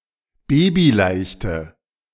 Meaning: inflection of babyleicht: 1. strong/mixed nominative/accusative feminine singular 2. strong nominative/accusative plural 3. weak nominative all-gender singular
- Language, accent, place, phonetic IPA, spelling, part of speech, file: German, Germany, Berlin, [ˈbeːbiˌlaɪ̯çtə], babyleichte, adjective, De-babyleichte.ogg